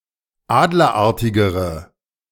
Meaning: inflection of adlerartig: 1. strong/mixed nominative/accusative feminine singular comparative degree 2. strong nominative/accusative plural comparative degree
- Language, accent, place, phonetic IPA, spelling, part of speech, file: German, Germany, Berlin, [ˈaːdlɐˌʔaʁtɪɡəʁə], adlerartigere, adjective, De-adlerartigere.ogg